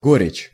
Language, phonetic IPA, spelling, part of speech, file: Russian, [ˈɡorʲɪt͡ɕ], горечь, noun, Ru-горечь.ogg
- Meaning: bitterness, bitter taste